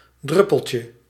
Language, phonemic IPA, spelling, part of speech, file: Dutch, /ˈdrʏpəlcə/, druppeltje, noun, Nl-druppeltje.ogg
- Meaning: diminutive of druppel